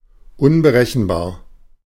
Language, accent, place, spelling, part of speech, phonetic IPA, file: German, Germany, Berlin, unberechenbar, adjective, [ʊnbəˈʁɛçn̩baːɐ̯], De-unberechenbar.ogg
- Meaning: 1. incalculable 2. unpredictable